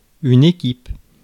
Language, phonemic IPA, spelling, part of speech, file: French, /e.kip/, équipe, noun, Fr-équipe.ogg
- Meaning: team